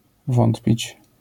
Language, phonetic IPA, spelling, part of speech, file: Polish, [ˈvɔ̃ntpʲit͡ɕ], wątpić, verb, LL-Q809 (pol)-wątpić.wav